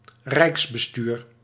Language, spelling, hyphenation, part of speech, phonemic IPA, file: Dutch, rijksbestuur, rijks‧be‧stuur, noun, /ˈrɛi̯ks.bəˌstyːr/, Nl-rijksbestuur.ogg
- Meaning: government